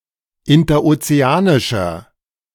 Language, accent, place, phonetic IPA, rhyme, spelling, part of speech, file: German, Germany, Berlin, [ɪntɐʔot͡seˈaːnɪʃɐ], -aːnɪʃɐ, interozeanischer, adjective, De-interozeanischer.ogg
- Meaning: inflection of interozeanisch: 1. strong/mixed nominative masculine singular 2. strong genitive/dative feminine singular 3. strong genitive plural